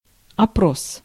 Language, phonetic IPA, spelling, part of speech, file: Russian, [ɐˈpros], опрос, noun, Ru-опрос.ogg
- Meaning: 1. questioning, interrogation 2. oral test 3. survey, poll, inquiry 4. interrogation, inquiry, poll